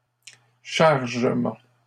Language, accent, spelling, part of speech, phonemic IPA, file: French, Canada, chargement, noun, /ʃaʁ.ʒə.mɑ̃/, LL-Q150 (fra)-chargement.wav
- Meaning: 1. Action of loading (up) (vehicle, animal etc.) 2. A load, something that has been loaded 3. Action of charging (battery) 4. upload